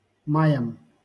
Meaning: dative plural of май (maj)
- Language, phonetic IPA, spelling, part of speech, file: Russian, [ˈmajəm], маям, noun, LL-Q7737 (rus)-маям.wav